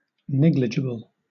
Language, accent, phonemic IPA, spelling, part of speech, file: English, Southern England, /ˈnɛɡlɪd͡ʒɪbəl/, negligible, adjective, LL-Q1860 (eng)-negligible.wav
- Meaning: Able to be neglected, ignored or excluded from consideration; too small or unimportant to be of concern